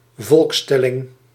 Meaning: census (demographic count or estimate of population)
- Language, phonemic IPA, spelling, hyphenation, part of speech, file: Dutch, /ˈvɔlksˌtɛ.lɪŋ/, volkstelling, volks‧tel‧ling, noun, Nl-volkstelling.ogg